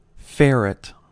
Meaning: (noun) An often domesticated mammal (Mustela putorius furo) rather like a weasel, descended from the European polecat and often trained to hunt burrowing animals
- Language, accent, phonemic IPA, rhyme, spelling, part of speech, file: English, US, /ˈfɛɹɪt/, -ɛɹɪt, ferret, noun / verb, En-us-ferret.ogg